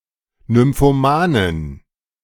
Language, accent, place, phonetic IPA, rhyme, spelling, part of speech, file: German, Germany, Berlin, [nʏmfoˈmaːnən], -aːnən, nymphomanen, adjective, De-nymphomanen.ogg
- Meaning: inflection of nymphoman: 1. strong genitive masculine/neuter singular 2. weak/mixed genitive/dative all-gender singular 3. strong/weak/mixed accusative masculine singular 4. strong dative plural